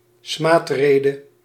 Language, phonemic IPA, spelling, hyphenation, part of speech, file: Dutch, /ˈsmaːtˌreː.də/, smaadrede, smaad‧re‧de, noun, Nl-smaadrede.ogg
- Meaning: a libellous expression, including any types of discourse from brief insults to lengthy harangues